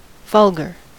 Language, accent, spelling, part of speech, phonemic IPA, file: English, US, vulgar, adjective / noun, /ˈvʌl.ɡɚ/, En-us-vulgar.ogg
- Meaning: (adjective) 1. Debased; uncouth; distasteful; obscene 2. Having to do with ordinary, common people 3. Common, usual; of the typical kind 4. Being a vulgar fraction; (noun) A common, ordinary person